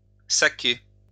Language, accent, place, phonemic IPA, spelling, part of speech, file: French, France, Lyon, /sa.ke/, saquer, verb, LL-Q150 (fra)-saquer.wav
- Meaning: 1. to sack, fire (an employee) 2. to be able to stand someone 3. to give low marks to a pupil